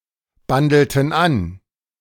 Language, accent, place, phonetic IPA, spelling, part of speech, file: German, Germany, Berlin, [ˌbandl̩tn̩ ˈan], bandelten an, verb, De-bandelten an.ogg
- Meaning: inflection of anbandeln: 1. first/third-person plural preterite 2. first/third-person plural subjunctive II